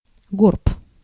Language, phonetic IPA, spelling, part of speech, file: Russian, [ɡorp], горб, noun, Ru-горб.ogg
- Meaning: hump, hunch